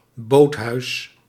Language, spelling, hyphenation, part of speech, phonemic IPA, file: Dutch, boothuis, boot‧huis, noun, /ˈboːt.ɦœy̯s/, Nl-boothuis.ogg
- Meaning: boathouse (building where boats are stored)